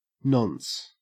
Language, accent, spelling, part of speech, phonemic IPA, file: English, Australia, nonce, noun / adjective, /nɔns/, En-au-nonce.ogg
- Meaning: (noun) 1. The one or single occasion; the present reason or purpose 2. A nonce word 3. A value constructed so as to be unique to a particular message in a stream, in order to prevent replay attacks